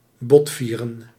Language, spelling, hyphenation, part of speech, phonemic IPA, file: Dutch, botvieren, bot‧vie‧ren, verb, /ˈbɔtˌfiː.rə(n)/, Nl-botvieren.ogg
- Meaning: 1. to give a free rein to 2. to take it out on